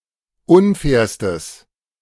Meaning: strong/mixed nominative/accusative neuter singular superlative degree of unfair
- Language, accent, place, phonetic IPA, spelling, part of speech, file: German, Germany, Berlin, [ˈʊnˌfɛːɐ̯stəs], unfairstes, adjective, De-unfairstes.ogg